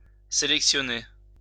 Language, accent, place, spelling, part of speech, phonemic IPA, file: French, France, Lyon, sélectionner, verb, /se.lɛk.sjɔ.ne/, LL-Q150 (fra)-sélectionner.wav
- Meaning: to select, to pick (to choose one or more elements from a set)